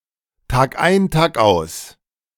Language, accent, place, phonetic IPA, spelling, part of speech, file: German, Germany, Berlin, [taːkˈʔaɪ̯n taːkˈʔaʊ̯s], tagein tagaus, adverb, De-tagein tagaus.ogg
- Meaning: day in and day out